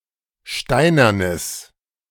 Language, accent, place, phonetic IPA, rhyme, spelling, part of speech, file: German, Germany, Berlin, [ˈʃtaɪ̯nɐnəs], -aɪ̯nɐnəs, steinernes, adjective, De-steinernes.ogg
- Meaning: strong/mixed nominative/accusative neuter singular of steinern